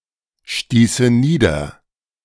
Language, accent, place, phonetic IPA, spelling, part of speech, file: German, Germany, Berlin, [ˌʃtiːsə ˈniːdɐ], stieße nieder, verb, De-stieße nieder.ogg
- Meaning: first/third-person singular subjunctive II of niederstoßen